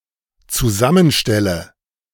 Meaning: inflection of zusammenstellen: 1. first-person singular dependent present 2. first/third-person singular dependent subjunctive I
- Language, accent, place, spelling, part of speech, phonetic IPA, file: German, Germany, Berlin, zusammenstelle, verb, [t͡suˈzamənˌʃtɛlə], De-zusammenstelle.ogg